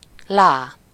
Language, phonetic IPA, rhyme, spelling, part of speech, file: Hungarian, [ˈlaː], -laː, lá, noun, Hu-lá.ogg
- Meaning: la, a syllable used in solfège to represent the sixth note of a major scale